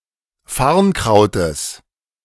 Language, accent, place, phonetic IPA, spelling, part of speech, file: German, Germany, Berlin, [ˈfaʁnˌkʁaʊ̯təs], Farnkrautes, noun, De-Farnkrautes.ogg
- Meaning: genitive singular of Farnkraut